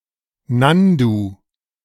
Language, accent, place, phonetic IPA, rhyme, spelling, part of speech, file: German, Germany, Berlin, [ˈnandu], -andu, Nandu, noun, De-Nandu.ogg
- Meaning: nandu